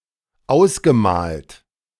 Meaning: past participle of ausmalen
- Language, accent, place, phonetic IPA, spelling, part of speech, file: German, Germany, Berlin, [ˈaʊ̯sɡəˌmaːlt], ausgemalt, verb, De-ausgemalt.ogg